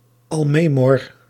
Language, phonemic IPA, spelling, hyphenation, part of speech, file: Dutch, /ˌɑlˈmɛ.mɔr/, almemor, al‧me‧mor, noun, Nl-almemor.ogg
- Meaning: bima, pulpit in an Ashkenazi synagogue